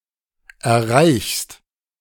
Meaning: second-person singular present of erreichen
- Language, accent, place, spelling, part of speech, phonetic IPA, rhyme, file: German, Germany, Berlin, erreichst, verb, [ɛɐ̯ˈʁaɪ̯çst], -aɪ̯çst, De-erreichst.ogg